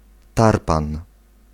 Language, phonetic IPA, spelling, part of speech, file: Polish, [ˈtarpãn], tarpan, noun, Pl-tarpan.ogg